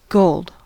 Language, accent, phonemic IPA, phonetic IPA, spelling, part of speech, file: English, General American, /ɡoʊld/, [ɡold], gold, noun / symbol / adjective / verb / adverb, En-us-gold.ogg
- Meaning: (noun) 1. (uncountable) A heavy yellow elemental metal of great value, with atomic number 79 2. A coin or coinage made of this material, or supposedly so